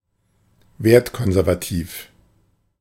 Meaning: having conservative values
- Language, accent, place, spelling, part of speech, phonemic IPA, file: German, Germany, Berlin, wertkonservativ, adjective, /ˈveːɐ̯tˌkɔnzɛʁvaˌtiːf/, De-wertkonservativ.ogg